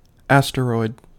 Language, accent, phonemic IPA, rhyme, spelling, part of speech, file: English, US, /ˈæst(ə)ɹɔɪd/, -ɔɪd, asteroid, noun, En-us-asteroid.ogg
- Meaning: A naturally occurring solid object, which is smaller than a planet and a dwarf planet, larger than a meteoroid and not a comet, that orbits a star and often has an irregular shape